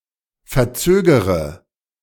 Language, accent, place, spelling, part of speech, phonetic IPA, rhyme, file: German, Germany, Berlin, verzögere, verb, [fɛɐ̯ˈt͡søːɡəʁə], -øːɡəʁə, De-verzögere.ogg
- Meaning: inflection of verzögern: 1. first-person singular present 2. first/third-person singular subjunctive I 3. singular imperative